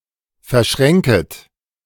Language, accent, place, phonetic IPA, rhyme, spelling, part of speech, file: German, Germany, Berlin, [fɛɐ̯ˈʃʁɛŋkət], -ɛŋkət, verschränket, verb, De-verschränket.ogg
- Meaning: second-person plural subjunctive I of verschränken